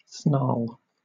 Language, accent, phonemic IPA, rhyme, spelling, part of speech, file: English, Southern England, /ˈsnɑː(ɹ)l/, -ɑː(ɹ)l, snarl, verb / noun, LL-Q1860 (eng)-snarl.wav
- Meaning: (verb) 1. To entangle; to complicate; to involve in knots 2. To become entangled 3. To place in an embarrassing situation; to ensnare; to make overly complicated